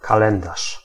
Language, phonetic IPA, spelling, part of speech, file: Polish, [kaˈlɛ̃ndaʃ], kalendarz, noun, Pl-kalendarz.ogg